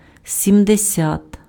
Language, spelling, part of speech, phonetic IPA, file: Ukrainian, сімдесят, numeral, [sʲimdeˈsʲat], Uk-сімдесят.ogg
- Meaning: seventy (70)